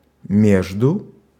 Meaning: between, among
- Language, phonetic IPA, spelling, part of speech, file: Russian, [ˈmʲeʐdʊ], между, preposition, Ru-между.ogg